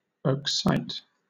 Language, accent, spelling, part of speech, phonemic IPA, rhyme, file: English, Southern England, accite, verb, /əkˈsaɪt/, -aɪt, LL-Q1860 (eng)-accite.wav
- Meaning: 1. To summon 2. To cite, quote 3. To excite, to induce